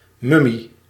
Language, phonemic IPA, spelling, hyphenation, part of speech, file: Dutch, /ˈmʏ.mi/, mummie, mum‧mie, noun, Nl-mummie.ogg
- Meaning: a mummy (extensively preserved corpse)